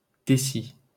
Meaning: deci-
- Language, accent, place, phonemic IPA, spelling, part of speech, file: French, France, Paris, /de.si/, déci-, prefix, LL-Q150 (fra)-déci-.wav